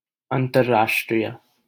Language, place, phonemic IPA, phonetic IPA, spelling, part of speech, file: Hindi, Delhi, /ən.t̪əɾ.ɾɑːʂ.ʈɾiː.jᵊ/, [ɐ̃n̪.t̪ɐr.räːʂ.ʈɾiː.jᵊ], अंतर्राष्ट्रीय, adjective, LL-Q1568 (hin)-अंतर्राष्ट्रीय.wav
- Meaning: 1. alternative form of अंतरराष्ट्रीय (antarrāṣṭrīya), meaning international 2. within a nation; intranational